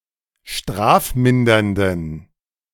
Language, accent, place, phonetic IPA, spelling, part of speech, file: German, Germany, Berlin, [ˈʃtʁaːfˌmɪndɐndn̩], strafmindernden, adjective, De-strafmindernden.ogg
- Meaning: inflection of strafmindernd: 1. strong genitive masculine/neuter singular 2. weak/mixed genitive/dative all-gender singular 3. strong/weak/mixed accusative masculine singular 4. strong dative plural